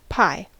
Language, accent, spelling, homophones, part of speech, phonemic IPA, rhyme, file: English, US, pie, pi, noun / verb, /paɪ/, -aɪ, En-us-pie.ogg